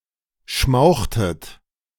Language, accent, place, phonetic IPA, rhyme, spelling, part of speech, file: German, Germany, Berlin, [ˈʃmaʊ̯xtət], -aʊ̯xtət, schmauchtet, verb, De-schmauchtet.ogg
- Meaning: inflection of schmauchen: 1. second-person plural preterite 2. second-person plural subjunctive II